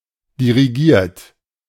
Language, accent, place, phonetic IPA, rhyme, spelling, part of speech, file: German, Germany, Berlin, [diʁiˈɡiːɐ̯t], -iːɐ̯t, dirigiert, verb, De-dirigiert.ogg
- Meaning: 1. past participle of dirigieren 2. inflection of dirigieren: third-person singular present 3. inflection of dirigieren: second-person plural present 4. inflection of dirigieren: plural imperative